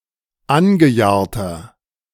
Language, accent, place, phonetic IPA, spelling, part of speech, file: German, Germany, Berlin, [ˈanɡəˌjaːɐ̯tɐ], angejahrter, adjective, De-angejahrter.ogg
- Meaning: 1. comparative degree of angejahrt 2. inflection of angejahrt: strong/mixed nominative masculine singular 3. inflection of angejahrt: strong genitive/dative feminine singular